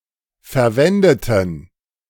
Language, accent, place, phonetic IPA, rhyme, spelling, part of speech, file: German, Germany, Berlin, [fɛɐ̯ˈvɛndətn̩], -ɛndətn̩, verwendeten, adjective / verb, De-verwendeten.ogg
- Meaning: inflection of verwenden: 1. first/third-person plural preterite 2. first/third-person plural subjunctive II